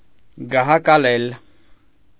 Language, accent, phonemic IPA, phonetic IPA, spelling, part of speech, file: Armenian, Eastern Armenian, /ɡɑhɑkɑˈlel/, [ɡɑhɑkɑlél], գահակալել, verb, Hy-գահակալել.ogg
- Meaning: 1. to ascend the throne, be enthroned 2. to reign